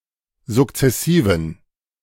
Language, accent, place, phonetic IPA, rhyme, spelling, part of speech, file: German, Germany, Berlin, [zʊkt͡sɛˈsiːvn̩], -iːvn̩, sukzessiven, adjective, De-sukzessiven.ogg
- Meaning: inflection of sukzessiv: 1. strong genitive masculine/neuter singular 2. weak/mixed genitive/dative all-gender singular 3. strong/weak/mixed accusative masculine singular 4. strong dative plural